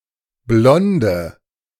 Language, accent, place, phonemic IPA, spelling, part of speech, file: German, Germany, Berlin, /ˈblɔndə/, blonde, adjective, De-blonde.ogg
- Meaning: inflection of blond: 1. strong/mixed nominative/accusative feminine singular 2. strong nominative/accusative plural 3. weak nominative all-gender singular 4. weak accusative feminine/neuter singular